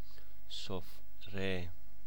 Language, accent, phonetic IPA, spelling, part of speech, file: Persian, Iran, [sof.ɹe], سفره, noun, Fa-سفره.ogg
- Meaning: tablecloth